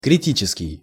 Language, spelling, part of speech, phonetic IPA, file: Russian, критический, adjective, [krʲɪˈtʲit͡ɕɪskʲɪj], Ru-критический.ogg
- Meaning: critical